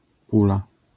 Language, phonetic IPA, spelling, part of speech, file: Polish, [ˈpula], pula, noun, LL-Q809 (pol)-pula.wav